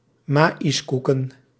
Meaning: plural of maïskoek
- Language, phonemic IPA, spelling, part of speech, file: Dutch, /ˈmɑɪsˌkukə(n)/, maïskoeken, noun, Nl-maïskoeken.ogg